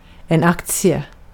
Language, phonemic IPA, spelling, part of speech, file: Swedish, /ˈakːtsɪɛ/, aktie, noun, Sv-aktie.ogg
- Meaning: share, stock (US)